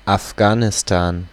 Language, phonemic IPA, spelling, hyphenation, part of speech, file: German, /afˈɡaːnɪstaːn/, Afghanistan, Af‧gha‧ni‧s‧tan, proper noun, De-Afghanistan.ogg
- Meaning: Afghanistan (a landlocked country between Central Asia and South Asia)